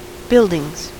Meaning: plural of building
- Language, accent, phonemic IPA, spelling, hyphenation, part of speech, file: English, US, /ˈbɪldɪŋz/, buildings, build‧ings, noun, En-us-buildings.ogg